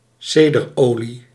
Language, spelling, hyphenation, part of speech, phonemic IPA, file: Dutch, cederolie, ceder‧olie, noun, /ˈseː.dərˌoː.li/, Nl-cederolie.ogg
- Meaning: cedar oil